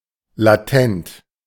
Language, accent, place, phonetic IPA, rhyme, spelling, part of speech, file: German, Germany, Berlin, [laˈtɛnt], -ɛnt, latent, adjective, De-latent.ogg
- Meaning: latent